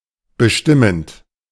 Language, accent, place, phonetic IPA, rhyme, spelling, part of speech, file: German, Germany, Berlin, [bəˈʃtɪmənt], -ɪmənt, bestimmend, adjective / verb, De-bestimmend.ogg
- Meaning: present participle of bestimmen